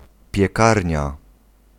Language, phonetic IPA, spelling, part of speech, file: Polish, [pʲjɛˈkarʲɲa], piekarnia, noun, Pl-piekarnia.ogg